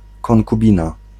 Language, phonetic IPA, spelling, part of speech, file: Polish, [ˌkɔ̃ŋkuˈbʲĩna], konkubina, noun, Pl-konkubina.ogg